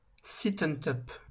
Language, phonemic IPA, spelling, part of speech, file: French, /tɔp/, top, noun / adjective / adverb, LL-Q150 (fra)-top.wav
- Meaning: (noun) 1. top; shirt or garment covering the upper body 2. a signalling sound; beep; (adjective) 1. top; best; highest in rank; maximum 2. excellent; brilliant 3. top (penetrator)